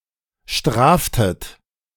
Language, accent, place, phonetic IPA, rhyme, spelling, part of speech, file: German, Germany, Berlin, [ˈʃtʁaːftət], -aːftət, straftet, verb, De-straftet.ogg
- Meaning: inflection of strafen: 1. second-person plural preterite 2. second-person plural subjunctive II